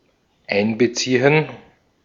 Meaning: 1. to include 2. to integrate (into)
- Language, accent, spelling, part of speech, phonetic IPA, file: German, Austria, einbeziehen, verb, [ˈʔaɪnbəˌtsiːən], De-at-einbeziehen.ogg